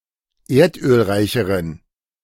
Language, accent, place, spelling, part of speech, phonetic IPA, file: German, Germany, Berlin, erdölreicheren, adjective, [ˈeːɐ̯tʔøːlˌʁaɪ̯çəʁən], De-erdölreicheren.ogg
- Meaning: inflection of erdölreich: 1. strong genitive masculine/neuter singular comparative degree 2. weak/mixed genitive/dative all-gender singular comparative degree